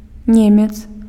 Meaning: a German (male)
- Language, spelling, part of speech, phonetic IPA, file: Belarusian, немец, noun, [ˈnʲemʲet͡s], Be-немец.ogg